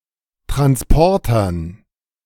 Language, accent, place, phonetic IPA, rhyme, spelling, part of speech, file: German, Germany, Berlin, [tʁansˈpɔʁtɐn], -ɔʁtɐn, Transportern, noun, De-Transportern.ogg
- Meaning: dative plural of Transporter